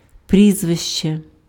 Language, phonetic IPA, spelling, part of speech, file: Ukrainian, [ˈprʲizʋeʃt͡ʃe], прізвище, noun, Uk-прізвище.ogg
- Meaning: surname